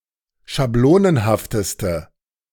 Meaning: inflection of schablonenhaft: 1. strong/mixed nominative/accusative feminine singular superlative degree 2. strong nominative/accusative plural superlative degree
- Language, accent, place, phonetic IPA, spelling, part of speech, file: German, Germany, Berlin, [ʃaˈbloːnənhaftəstə], schablonenhafteste, adjective, De-schablonenhafteste.ogg